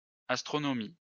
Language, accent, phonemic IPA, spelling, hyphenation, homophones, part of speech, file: French, France, /as.tʁɔ.nɔ.mi/, astronomies, as‧tro‧no‧mies, astronomie, noun, LL-Q150 (fra)-astronomies.wav
- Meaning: plural of astronomie